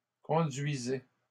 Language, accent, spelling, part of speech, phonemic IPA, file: French, Canada, conduisais, verb, /kɔ̃.dɥi.zɛ/, LL-Q150 (fra)-conduisais.wav
- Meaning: first/second-person singular imperfect indicative of conduire